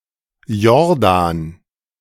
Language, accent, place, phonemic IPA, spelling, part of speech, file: German, Germany, Berlin, /ˈjɔʁˌdaːn/, Jordan, proper noun, De-Jordan.ogg
- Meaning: Jordan (a river in West Asia in the Middle East, that empties into the Dead Sea, flowing through Israel, the Golan Heights, the West Bank and Jordan)